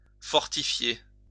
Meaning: to fortify (make stronger)
- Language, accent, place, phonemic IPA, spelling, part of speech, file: French, France, Lyon, /fɔʁ.ti.fje/, fortifier, verb, LL-Q150 (fra)-fortifier.wav